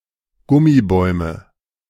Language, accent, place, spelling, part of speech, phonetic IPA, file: German, Germany, Berlin, Gummibäume, noun, [ˈɡʊmiˌbɔɪ̯mə], De-Gummibäume.ogg
- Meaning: nominative/accusative/genitive plural of Gummibaum